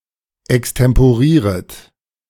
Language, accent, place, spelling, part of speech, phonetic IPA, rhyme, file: German, Germany, Berlin, extemporieret, verb, [ɛkstɛmpoˈʁiːʁət], -iːʁət, De-extemporieret.ogg
- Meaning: second-person plural subjunctive I of extemporieren